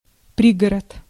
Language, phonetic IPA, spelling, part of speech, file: Russian, [ˈprʲiɡərət], пригород, noun, Ru-пригород.ogg
- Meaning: suburb